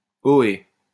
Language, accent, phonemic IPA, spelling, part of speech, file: French, France, /o.e/, ohé, interjection, LL-Q150 (fra)-ohé.wav
- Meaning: oy; hi; ahoy; yoohoo (used to get someone's attention)